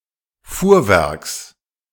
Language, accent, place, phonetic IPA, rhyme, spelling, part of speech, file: German, Germany, Berlin, [ˈfuːɐ̯ˌvɛʁks], -uːɐ̯vɛʁks, Fuhrwerks, noun, De-Fuhrwerks.ogg
- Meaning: genitive singular of Fuhrwerk